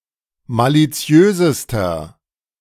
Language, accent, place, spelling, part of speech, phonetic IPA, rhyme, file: German, Germany, Berlin, maliziösester, adjective, [ˌmaliˈt͡si̯øːzəstɐ], -øːzəstɐ, De-maliziösester.ogg
- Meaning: inflection of maliziös: 1. strong/mixed nominative masculine singular superlative degree 2. strong genitive/dative feminine singular superlative degree 3. strong genitive plural superlative degree